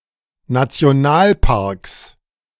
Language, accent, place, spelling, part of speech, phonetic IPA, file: German, Germany, Berlin, Nationalparks, noun, [nat͡si̯oˈnaːlˌpaʁks], De-Nationalparks.ogg
- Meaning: 1. genitive singular of Nationalpark 2. plural of Nationalpark